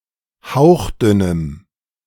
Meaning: strong dative masculine/neuter singular of hauchdünn
- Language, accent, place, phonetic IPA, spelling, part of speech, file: German, Germany, Berlin, [ˈhaʊ̯xˌdʏnəm], hauchdünnem, adjective, De-hauchdünnem.ogg